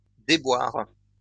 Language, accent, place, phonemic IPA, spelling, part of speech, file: French, France, Lyon, /de.bwaʁ/, déboires, noun, LL-Q150 (fra)-déboires.wav
- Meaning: plural of déboire